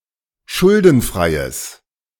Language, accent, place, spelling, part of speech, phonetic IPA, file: German, Germany, Berlin, schuldenfreies, adjective, [ˈʃʊldn̩ˌfʁaɪ̯əs], De-schuldenfreies.ogg
- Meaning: strong/mixed nominative/accusative neuter singular of schuldenfrei